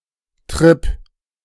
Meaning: trip
- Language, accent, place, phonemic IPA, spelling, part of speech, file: German, Germany, Berlin, /trɪp/, Trip, noun, De-Trip.ogg